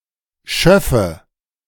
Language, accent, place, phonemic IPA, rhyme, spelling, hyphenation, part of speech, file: German, Germany, Berlin, /ˈʃœfə/, -œfə, Schöffe, Schöf‧fe, noun, De-Schöffe.ogg
- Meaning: 1. a lay judge, an assistant judge 2. a deputy mayor (for French échevin)